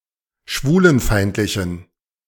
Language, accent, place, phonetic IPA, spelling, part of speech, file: German, Germany, Berlin, [ˈʃvuːlənˌfaɪ̯ntlɪçn̩], schwulenfeindlichen, adjective, De-schwulenfeindlichen.ogg
- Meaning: inflection of schwulenfeindlich: 1. strong genitive masculine/neuter singular 2. weak/mixed genitive/dative all-gender singular 3. strong/weak/mixed accusative masculine singular